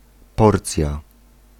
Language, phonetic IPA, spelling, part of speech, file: Polish, [ˈpɔrt͡sʲja], porcja, noun, Pl-porcja.ogg